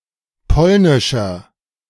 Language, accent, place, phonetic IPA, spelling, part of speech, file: German, Germany, Berlin, [ˈpɔlnɪʃɐ], polnischer, adjective, De-polnischer.ogg
- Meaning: 1. comparative degree of polnisch 2. inflection of polnisch: strong/mixed nominative masculine singular 3. inflection of polnisch: strong genitive/dative feminine singular